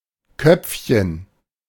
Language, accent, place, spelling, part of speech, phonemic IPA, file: German, Germany, Berlin, Köpfchen, noun, /ˈkœpfçən/, De-Köpfchen.ogg
- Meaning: 1. diminutive of Kopf (“head”) 2. brain; wit; intellect 3. capitulum